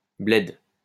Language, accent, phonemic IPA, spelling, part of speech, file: French, France, /blɛd/, bled, noun, LL-Q150 (fra)-bled.wav
- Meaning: 1. village, Podunk, backwater 2. the old country, typically in North Africa